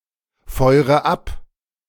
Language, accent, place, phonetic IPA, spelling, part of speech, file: German, Germany, Berlin, [ˌfɔɪ̯ʁə ˈap], feure ab, verb, De-feure ab.ogg
- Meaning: inflection of abfeuern: 1. first-person singular present 2. first/third-person singular subjunctive I 3. singular imperative